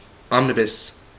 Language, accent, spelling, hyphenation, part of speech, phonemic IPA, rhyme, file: English, General American, omnibus, om‧ni‧bus, noun / adjective / verb, /ˈɑmnɪbəs/, -ɪbəs, En-us-omnibus.ogg
- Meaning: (noun) 1. A bus (vehicle for transporting large numbers of people along roads) 2. An anthology of previously released material linked together by theme or author, especially in book form